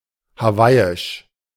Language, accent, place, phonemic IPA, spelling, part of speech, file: German, Germany, Berlin, /haˈvaɪ̯ɪʃ/, hawaiisch, adjective, De-hawaiisch.ogg
- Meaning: Hawaiian